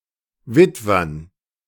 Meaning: dative plural of Witwer
- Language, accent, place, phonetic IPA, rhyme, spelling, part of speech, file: German, Germany, Berlin, [ˈvɪtvɐn], -ɪtvɐn, Witwern, noun, De-Witwern.ogg